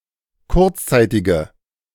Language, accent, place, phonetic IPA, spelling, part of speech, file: German, Germany, Berlin, [ˈkʊʁt͡sˌt͡saɪ̯tɪɡə], kurzzeitige, adjective, De-kurzzeitige.ogg
- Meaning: inflection of kurzzeitig: 1. strong/mixed nominative/accusative feminine singular 2. strong nominative/accusative plural 3. weak nominative all-gender singular